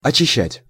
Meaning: to clean, to cleanse, to purify, to purge
- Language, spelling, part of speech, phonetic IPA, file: Russian, очищать, verb, [ɐt͡ɕɪˈɕːætʲ], Ru-очищать.ogg